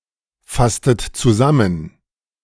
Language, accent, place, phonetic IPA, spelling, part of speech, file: German, Germany, Berlin, [ˌfastət t͡suˈzamən], fasstet zusammen, verb, De-fasstet zusammen.ogg
- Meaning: inflection of zusammenfassen: 1. second-person plural preterite 2. second-person plural subjunctive II